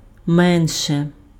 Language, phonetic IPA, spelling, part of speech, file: Ukrainian, [ˈmɛnʃe], менше, adjective / adverb / determiner, Uk-менше.ogg
- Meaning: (adjective) nominative/accusative neuter singular of ме́нший (ménšyj); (adverb) comparative degree of ма́ло (málo): less; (determiner) less, fewer